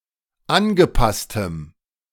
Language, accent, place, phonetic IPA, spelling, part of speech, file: German, Germany, Berlin, [ˈanɡəˌpastəm], angepasstem, adjective, De-angepasstem.ogg
- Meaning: strong dative masculine/neuter singular of angepasst